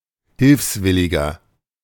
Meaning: 1. voluntary assistant (male or of unspecified gender) 2. Hiwi; foreign collaborator in the Wehrmacht or the SS 3. inflection of Hilfswillige: strong genitive/dative singular
- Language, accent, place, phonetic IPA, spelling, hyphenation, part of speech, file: German, Germany, Berlin, [ˈhɪlfsˌvɪlɪɡɐ], Hilfswilliger, Hilfs‧wil‧li‧ger, noun, De-Hilfswilliger.ogg